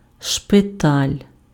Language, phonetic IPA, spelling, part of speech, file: Ukrainian, [ʃpeˈtalʲ], шпиталь, noun, Uk-шпиталь.ogg
- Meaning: hospital